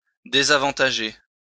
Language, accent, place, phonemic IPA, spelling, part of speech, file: French, France, Lyon, /de.za.vɑ̃.ta.ʒe/, désavantager, verb, LL-Q150 (fra)-désavantager.wav
- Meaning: to disadvantage; hinder